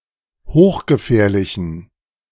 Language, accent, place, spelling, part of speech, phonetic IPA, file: German, Germany, Berlin, hochgefährlichen, adjective, [ˈhoːxɡəˌfɛːɐ̯lɪçn̩], De-hochgefährlichen.ogg
- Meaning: inflection of hochgefährlich: 1. strong genitive masculine/neuter singular 2. weak/mixed genitive/dative all-gender singular 3. strong/weak/mixed accusative masculine singular 4. strong dative plural